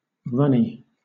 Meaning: 1. Fluid; readily flowing 2. Liable to run or drip
- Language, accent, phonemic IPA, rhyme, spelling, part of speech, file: English, Southern England, /ˈɹʌni/, -ʌni, runny, adjective, LL-Q1860 (eng)-runny.wav